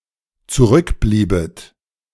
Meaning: second-person plural dependent subjunctive II of zurückbleiben
- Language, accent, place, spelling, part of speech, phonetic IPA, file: German, Germany, Berlin, zurückbliebet, verb, [t͡suˈʁʏkˌbliːbət], De-zurückbliebet.ogg